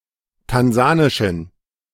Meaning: inflection of tansanisch: 1. strong genitive masculine/neuter singular 2. weak/mixed genitive/dative all-gender singular 3. strong/weak/mixed accusative masculine singular 4. strong dative plural
- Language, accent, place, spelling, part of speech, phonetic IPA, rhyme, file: German, Germany, Berlin, tansanischen, adjective, [tanˈzaːnɪʃn̩], -aːnɪʃn̩, De-tansanischen.ogg